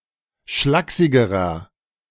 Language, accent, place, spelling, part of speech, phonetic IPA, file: German, Germany, Berlin, schlaksigerer, adjective, [ˈʃlaːksɪɡəʁɐ], De-schlaksigerer.ogg
- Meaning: inflection of schlaksig: 1. strong/mixed nominative masculine singular comparative degree 2. strong genitive/dative feminine singular comparative degree 3. strong genitive plural comparative degree